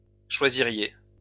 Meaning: second-person plural conditional of choisir
- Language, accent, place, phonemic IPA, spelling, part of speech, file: French, France, Lyon, /ʃwa.zi.ʁje/, choisiriez, verb, LL-Q150 (fra)-choisiriez.wav